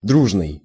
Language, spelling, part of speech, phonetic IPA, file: Russian, дружный, adjective, [ˈdruʐnɨj], Ru-дружный.ogg
- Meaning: 1. friendly, amicable, personable 2. harmonious, concurrent, unanimous